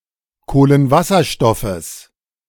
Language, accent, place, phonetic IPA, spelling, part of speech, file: German, Germany, Berlin, [ˌkoːlənˈvasɐʃtɔfəs], Kohlenwasserstoffes, noun, De-Kohlenwasserstoffes.ogg
- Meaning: genitive singular of Kohlenwasserstoff